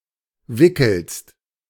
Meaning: second-person singular present of wickeln
- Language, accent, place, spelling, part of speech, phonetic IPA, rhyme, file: German, Germany, Berlin, wickelst, verb, [ˈvɪkl̩st], -ɪkl̩st, De-wickelst.ogg